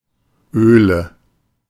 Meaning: plural of Öl
- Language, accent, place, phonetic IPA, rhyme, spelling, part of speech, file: German, Germany, Berlin, [ˈøːlə], -øːlə, Öle, noun, De-Öle.ogg